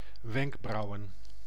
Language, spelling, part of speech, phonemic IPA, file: Dutch, wenkbrauwen, noun, /ˈwɛŋɡbrɑuwə(n)/, Nl-wenkbrauwen.ogg
- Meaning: plural of wenkbrauw